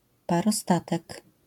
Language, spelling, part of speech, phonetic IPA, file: Polish, parostatek, noun, [ˌparɔˈstatɛk], LL-Q809 (pol)-parostatek.wav